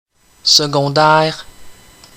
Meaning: secondary
- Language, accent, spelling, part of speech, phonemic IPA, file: French, Canada, secondaire, adjective, /sə.ɡɔ̃.dɛʁ/, Qc-secondaire.ogg